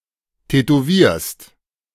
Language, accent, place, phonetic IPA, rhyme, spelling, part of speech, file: German, Germany, Berlin, [tɛtoˈviːɐ̯st], -iːɐ̯st, tätowierst, verb, De-tätowierst.ogg
- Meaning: second-person singular present of tätowieren